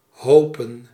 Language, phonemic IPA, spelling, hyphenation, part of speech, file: Dutch, /ˈɦoː.pə(n)/, hopen, ho‧pen, verb / noun, Nl-hopen.ogg
- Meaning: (verb) 1. to hope for, to wish for 2. to heap, pile up; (noun) plural of hoop